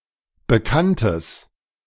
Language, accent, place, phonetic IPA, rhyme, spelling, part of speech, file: German, Germany, Berlin, [bəˈkantəs], -antəs, bekanntes, adjective, De-bekanntes.ogg
- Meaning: strong/mixed nominative/accusative neuter singular of bekannt